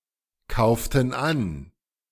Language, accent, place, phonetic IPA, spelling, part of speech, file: German, Germany, Berlin, [ˌkaʊ̯ftn̩ ˈan], kauften an, verb, De-kauften an.ogg
- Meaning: inflection of ankaufen: 1. first/third-person plural preterite 2. first/third-person plural subjunctive II